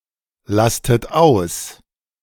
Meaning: inflection of auslasten: 1. second-person plural present 2. second-person plural subjunctive I 3. third-person singular present 4. plural imperative
- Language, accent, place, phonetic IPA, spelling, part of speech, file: German, Germany, Berlin, [ˌlastət ˈaʊ̯s], lastet aus, verb, De-lastet aus.ogg